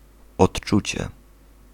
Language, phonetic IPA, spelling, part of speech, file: Polish, [ɔṭˈt͡ʃut͡ɕɛ], odczucie, noun, Pl-odczucie.ogg